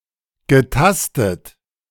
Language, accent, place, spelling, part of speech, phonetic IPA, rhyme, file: German, Germany, Berlin, getastet, verb, [ɡəˈtastət], -astət, De-getastet.ogg
- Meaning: past participle of tasten